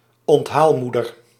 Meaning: a woman who minds others' children in her own home; a kind of female childminder
- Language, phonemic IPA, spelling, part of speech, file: Dutch, /ɔntˈhalmudər/, onthaalmoeder, noun, Nl-onthaalmoeder.ogg